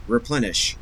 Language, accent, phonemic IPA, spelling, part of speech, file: English, Canada, /ɹɪˈplɛn.ɪʃ/, replenish, verb, En-ca-replenish.ogg
- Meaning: 1. To refill; to renew; to supply again or to add a fresh quantity to 2. To fill up; to complete; to supply fully 3. To finish; to complete; to perfect